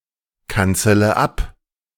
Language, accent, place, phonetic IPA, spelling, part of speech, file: German, Germany, Berlin, [ˌkant͡sələ ˈap], kanzele ab, verb, De-kanzele ab.ogg
- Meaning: inflection of abkanzeln: 1. first-person singular present 2. first-person plural subjunctive I 3. third-person singular subjunctive I 4. singular imperative